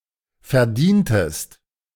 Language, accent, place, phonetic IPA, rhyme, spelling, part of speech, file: German, Germany, Berlin, [fɛɐ̯ˈdiːntəst], -iːntəst, verdientest, verb, De-verdientest.ogg
- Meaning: inflection of verdienen: 1. second-person singular preterite 2. second-person singular subjunctive II